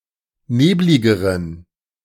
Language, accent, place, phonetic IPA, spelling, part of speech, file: German, Germany, Berlin, [ˈneːblɪɡəʁən], nebligeren, adjective, De-nebligeren.ogg
- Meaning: inflection of neblig: 1. strong genitive masculine/neuter singular comparative degree 2. weak/mixed genitive/dative all-gender singular comparative degree